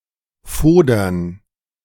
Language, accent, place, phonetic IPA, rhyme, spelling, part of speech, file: German, Germany, Berlin, [ˈfoːdɐn], -oːdɐn, fodern, verb, De-fodern.ogg
- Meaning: alternative spelling of fordern